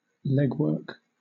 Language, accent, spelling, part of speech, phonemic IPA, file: English, Southern England, legwork, noun, /ˈlɛɡˌwɜːk/, LL-Q1860 (eng)-legwork.wav
- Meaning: 1. Work, especially research or preparation, that involves significant walking, travel, or similar effort 2. Skillful or vigorous use of the legs, as in dance or sports